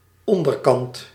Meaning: bottom, underside
- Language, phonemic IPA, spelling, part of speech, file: Dutch, /ˈɔndərˌkɑnt/, onderkant, noun, Nl-onderkant.ogg